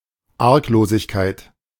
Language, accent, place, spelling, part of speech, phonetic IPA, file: German, Germany, Berlin, Arglosigkeit, noun, [ˈaʁkˌloːzɪçkaɪ̯t], De-Arglosigkeit.ogg
- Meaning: artlessness, innocence, simplicity of a person, simpleness, guilelessness